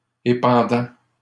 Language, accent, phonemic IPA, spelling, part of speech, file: French, Canada, /e.pɑ̃.dɑ̃/, épandant, verb, LL-Q150 (fra)-épandant.wav
- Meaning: present participle of épandre